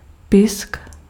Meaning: 1. lip 2. lip of an animal 3. labium (of the vulva) 4. labellum 5. beak
- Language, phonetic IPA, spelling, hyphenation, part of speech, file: Czech, [ˈpɪsk], pysk, pysk, noun, Cs-pysk.ogg